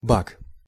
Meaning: bug (problem that needs fixing; especially, an error in a computer program)
- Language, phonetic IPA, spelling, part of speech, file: Russian, [bak], баг, noun, Ru-баг.ogg